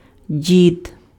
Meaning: 1. grandfather, grandpa, old man 2. one of the mummers in a Malánka group at New Year's 3. a person who pours wax/visk for healing purposes (віск зливати (visk zlyvaty))
- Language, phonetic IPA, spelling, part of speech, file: Ukrainian, [dʲid], дід, noun, Uk-дід.ogg